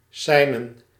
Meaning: to signal
- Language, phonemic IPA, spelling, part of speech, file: Dutch, /ˈsɛinə(n)/, seinen, noun / verb, Nl-seinen.ogg